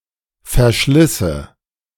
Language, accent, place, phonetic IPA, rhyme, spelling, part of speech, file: German, Germany, Berlin, [fɛɐ̯ˈʃlɪsə], -ɪsə, verschlisse, verb, De-verschlisse.ogg
- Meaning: first/third-person singular subjunctive II of verschleißen